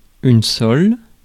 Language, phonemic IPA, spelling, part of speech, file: French, /sɔl/, sole, noun, Fr-sole.ogg
- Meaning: 1. sole (fish) 2. sole, the bottom of a hoof 3. sole, a piece of timber, a joist 4. a piece of land devoted to crop rotation